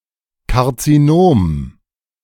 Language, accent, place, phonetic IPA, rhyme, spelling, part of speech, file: German, Germany, Berlin, [kaʁt͡siˈnoːm], -oːm, Karzinom, noun, De-Karzinom.ogg
- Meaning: carcinoma